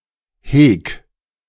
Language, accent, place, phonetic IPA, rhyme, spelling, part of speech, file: German, Germany, Berlin, [heːk], -eːk, heg, verb, De-heg.ogg
- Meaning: 1. singular imperative of hegen 2. first-person singular present of hegen